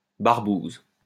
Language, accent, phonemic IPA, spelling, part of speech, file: French, France, /baʁ.buz/, barbouze, noun, LL-Q150 (fra)-barbouze.wav
- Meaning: secret agent; agent of a paramilitary force